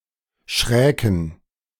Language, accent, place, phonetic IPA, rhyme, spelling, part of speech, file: German, Germany, Berlin, [ˈʃʁɛːkn̩], -ɛːkn̩, schräken, verb, De-schräken.ogg
- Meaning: first-person plural subjunctive II of schrecken